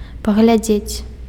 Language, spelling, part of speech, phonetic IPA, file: Belarusian, паглядзець, verb, [paɣlʲaˈd͡zʲet͡sʲ], Be-паглядзець.ogg
- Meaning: to look [with на (na, + accusative) ‘at’], to watch